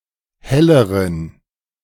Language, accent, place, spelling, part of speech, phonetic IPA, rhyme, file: German, Germany, Berlin, helleren, adjective, [ˈhɛləʁən], -ɛləʁən, De-helleren.ogg
- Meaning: inflection of helle: 1. strong genitive masculine/neuter singular comparative degree 2. weak/mixed genitive/dative all-gender singular comparative degree